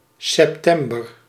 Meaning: September (the ninth month of the Gregorian calendar, following August and preceding October, containing the southward equinox)
- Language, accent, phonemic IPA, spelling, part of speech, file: Dutch, Netherlands, /sɛpˈtɛm.bər/, september, noun, Nl-september.ogg